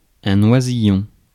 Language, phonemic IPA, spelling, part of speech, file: French, /wa.zi.jɔ̃/, oisillon, noun, Fr-oisillon.ogg
- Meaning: young bird; chick, fledgling, baby bird, little bird